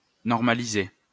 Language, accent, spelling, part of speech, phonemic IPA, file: French, France, normaliser, verb, /nɔʁ.ma.li.ze/, LL-Q150 (fra)-normaliser.wav
- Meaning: to normalise